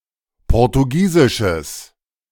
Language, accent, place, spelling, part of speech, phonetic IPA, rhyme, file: German, Germany, Berlin, portugiesisches, adjective, [ˌpɔʁtuˈɡiːzɪʃəs], -iːzɪʃəs, De-portugiesisches.ogg
- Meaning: strong/mixed nominative/accusative neuter singular of portugiesisch